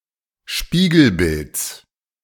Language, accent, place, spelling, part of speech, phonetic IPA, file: German, Germany, Berlin, Spiegelbilds, noun, [ˈʃpiːɡl̩ˌbɪlt͡s], De-Spiegelbilds.ogg
- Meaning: genitive singular of Spiegelbild